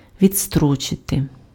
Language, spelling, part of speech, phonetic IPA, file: Ukrainian, відстрочити, verb, [ʋʲid͡zˈstrɔt͡ʃete], Uk-відстрочити.ogg
- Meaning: to postpone, to put off, to delay, to defer, to adjourn